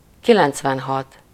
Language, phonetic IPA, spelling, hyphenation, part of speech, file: Hungarian, [ˈkilɛnt͡svɛnɦɒt], kilencvenhat, ki‧lenc‧ven‧hat, numeral, Hu-kilencvenhat.ogg
- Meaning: ninety-six